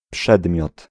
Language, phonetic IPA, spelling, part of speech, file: Polish, [ˈpʃɛdmʲjɔt], przedmiot, noun, Pl-przedmiot.ogg